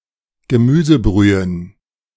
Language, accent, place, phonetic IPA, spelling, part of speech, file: German, Germany, Berlin, [ɡəˈmyːzəˌbʁyːən], Gemüsebrühen, noun, De-Gemüsebrühen.ogg
- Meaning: plural of Gemüsebrühe